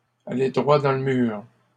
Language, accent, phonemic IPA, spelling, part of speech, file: French, Canada, /a.le dʁwa dɑ̃ l(ə) myʁ/, aller droit dans le mur, verb, LL-Q150 (fra)-aller droit dans le mur.wav
- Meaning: to be riding for a fall, to be heading for disaster